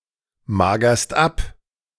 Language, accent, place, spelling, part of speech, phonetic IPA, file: German, Germany, Berlin, magerst ab, verb, [ˌmaːɡɐst ˈap], De-magerst ab.ogg
- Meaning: second-person singular present of abmagern